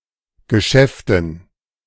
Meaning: dative plural of Geschäft
- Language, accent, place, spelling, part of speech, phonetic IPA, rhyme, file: German, Germany, Berlin, Geschäften, noun, [ɡəˈʃɛftn̩], -ɛftn̩, De-Geschäften.ogg